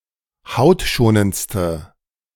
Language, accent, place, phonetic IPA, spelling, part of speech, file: German, Germany, Berlin, [ˈhaʊ̯tˌʃoːnənt͡stə], hautschonendste, adjective, De-hautschonendste.ogg
- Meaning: inflection of hautschonend: 1. strong/mixed nominative/accusative feminine singular superlative degree 2. strong nominative/accusative plural superlative degree